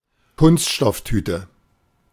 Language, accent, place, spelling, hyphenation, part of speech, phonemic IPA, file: German, Germany, Berlin, Kunststofftüte, Kunst‧stoff‧tü‧te, noun, /ˈkʊnstʃtɔfˌtyːtə/, De-Kunststofftüte.ogg
- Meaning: plastic bag